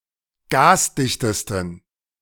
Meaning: 1. superlative degree of gasdicht 2. inflection of gasdicht: strong genitive masculine/neuter singular superlative degree
- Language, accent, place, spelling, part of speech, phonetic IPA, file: German, Germany, Berlin, gasdichtesten, adjective, [ˈɡaːsˌdɪçtəstn̩], De-gasdichtesten.ogg